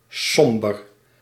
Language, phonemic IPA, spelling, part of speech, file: Dutch, /ˈsɔmbər/, somber, adjective / verb, Nl-somber.ogg
- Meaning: somber (US), sombre (Commonwealth)